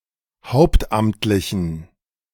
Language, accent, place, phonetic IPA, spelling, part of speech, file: German, Germany, Berlin, [ˈhaʊ̯ptˌʔamtlɪçn̩], hauptamtlichen, adjective, De-hauptamtlichen.ogg
- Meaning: inflection of hauptamtlich: 1. strong genitive masculine/neuter singular 2. weak/mixed genitive/dative all-gender singular 3. strong/weak/mixed accusative masculine singular 4. strong dative plural